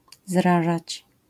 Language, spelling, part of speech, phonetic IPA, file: Polish, zrażać, verb, [ˈzraʒat͡ɕ], LL-Q809 (pol)-zrażać.wav